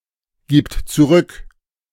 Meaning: third-person singular present of zurückgeben
- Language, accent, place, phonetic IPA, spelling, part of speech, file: German, Germany, Berlin, [ˌɡiːpt t͡suˈʁʏk], gibt zurück, verb, De-gibt zurück.ogg